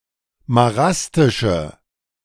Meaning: inflection of marastisch: 1. strong/mixed nominative/accusative feminine singular 2. strong nominative/accusative plural 3. weak nominative all-gender singular
- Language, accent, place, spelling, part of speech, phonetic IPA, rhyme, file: German, Germany, Berlin, marastische, adjective, [maˈʁastɪʃə], -astɪʃə, De-marastische.ogg